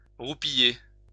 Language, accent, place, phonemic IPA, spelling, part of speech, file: French, France, Lyon, /ʁu.pi.je/, roupiller, verb, LL-Q150 (fra)-roupiller.wav
- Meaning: 1. to drowse, to doze 2. to (get some) sleep, to kip